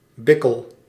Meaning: 1. talus, a bone in a sheep's heel 2. such a bone (often worked and) used as in a dice-like game of chance 3. any artificial, similar throwing device; a die 4. pebble 5. robust, resilient person
- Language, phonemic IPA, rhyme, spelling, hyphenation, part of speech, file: Dutch, /ˈbɪ.kəl/, -ɪkəl, bikkel, bik‧kel, noun, Nl-bikkel.ogg